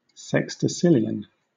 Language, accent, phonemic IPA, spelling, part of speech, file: English, Southern England, /ˌsɛksdəˈsɪl.i.ən/, sexdecillion, numeral, LL-Q1860 (eng)-sexdecillion.wav
- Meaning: 1. 10⁵¹ 2. 10⁹⁶